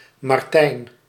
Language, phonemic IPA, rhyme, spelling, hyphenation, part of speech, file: Dutch, /mɑrˈtɛi̯n/, -ɛi̯n, Martijn, Mar‧tijn, proper noun, Nl-Martijn.ogg
- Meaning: a male given name, equivalent to English Martin